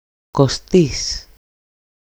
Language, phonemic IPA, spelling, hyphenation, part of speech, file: Greek, /ko.ˈstis/, Κωστής, Κω‧στής, proper noun, EL-Κωστής.ogg
- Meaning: A shortened, everyday form of Κώστας, of Κωνσταντίνος, Constantine